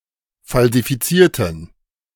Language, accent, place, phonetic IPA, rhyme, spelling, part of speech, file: German, Germany, Berlin, [ˌfalzifiˈt͡siːɐ̯tn̩], -iːɐ̯tn̩, falsifizierten, adjective / verb, De-falsifizierten.ogg
- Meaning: inflection of falsifiziert: 1. strong genitive masculine/neuter singular 2. weak/mixed genitive/dative all-gender singular 3. strong/weak/mixed accusative masculine singular 4. strong dative plural